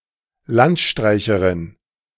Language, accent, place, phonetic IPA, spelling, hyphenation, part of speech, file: German, Germany, Berlin, [ˈlantˌʃtʁaɪ̯çəʁɪn], Landstreicherin, Land‧strei‧che‧rin, noun, De-Landstreicherin.ogg
- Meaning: female equivalent of Landstreicher